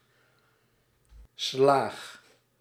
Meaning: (noun) a beating; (verb) inflection of slagen: 1. first-person singular present indicative 2. second-person singular present indicative 3. imperative
- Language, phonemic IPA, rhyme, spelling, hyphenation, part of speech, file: Dutch, /slaːx/, -aːx, slaag, slaag, noun / verb, Nl-slaag.ogg